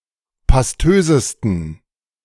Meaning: 1. superlative degree of pastös 2. inflection of pastös: strong genitive masculine/neuter singular superlative degree
- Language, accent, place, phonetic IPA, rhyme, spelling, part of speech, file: German, Germany, Berlin, [pasˈtøːzəstn̩], -øːzəstn̩, pastösesten, adjective, De-pastösesten.ogg